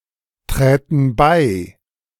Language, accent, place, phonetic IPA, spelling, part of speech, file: German, Germany, Berlin, [ˌtʁɛːtn̩ ˈbaɪ̯], träten bei, verb, De-träten bei.ogg
- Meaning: first/third-person plural subjunctive II of beitreten